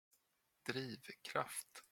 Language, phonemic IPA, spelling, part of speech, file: Swedish, /ˈdriːvˌkraft/, drivkraft, noun, Sv-drivkraft.flac
- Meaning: driving force, impetus